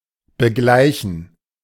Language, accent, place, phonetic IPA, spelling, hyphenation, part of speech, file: German, Germany, Berlin, [bəˈɡlaɪ̯çn̩], begleichen, be‧glei‧chen, verb, De-begleichen.ogg
- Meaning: 1. to pay, to balance 2. to settle